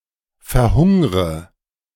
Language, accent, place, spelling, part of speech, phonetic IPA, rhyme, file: German, Germany, Berlin, verhungre, verb, [fɛɐ̯ˈhʊŋʁə], -ʊŋʁə, De-verhungre.ogg
- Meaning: inflection of verhungern: 1. first-person singular present 2. first/third-person singular subjunctive I 3. singular imperative